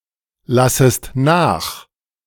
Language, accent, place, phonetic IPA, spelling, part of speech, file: German, Germany, Berlin, [ˌlasəst ˈnaːx], lassest nach, verb, De-lassest nach.ogg
- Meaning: second-person singular subjunctive I of nachlassen